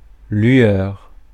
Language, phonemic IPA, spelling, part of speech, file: French, /lɥœʁ/, lueur, noun, Fr-lueur.ogg
- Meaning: glimmer; glow